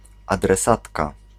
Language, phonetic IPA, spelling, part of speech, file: Polish, [ˌadrɛˈsatka], adresatka, noun, Pl-adresatka.ogg